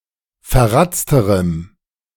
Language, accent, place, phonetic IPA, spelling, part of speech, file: German, Germany, Berlin, [fɛɐ̯ˈʁat͡stəʁəm], verratzterem, adjective, De-verratzterem.ogg
- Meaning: strong dative masculine/neuter singular comparative degree of verratzt